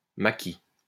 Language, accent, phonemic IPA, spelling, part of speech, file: French, France, /ma.ki/, maki, noun, LL-Q150 (fra)-maki.wav
- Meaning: 1. maki (ring-tailed lemur, Lemur catta) 2. ellipsis of makizushi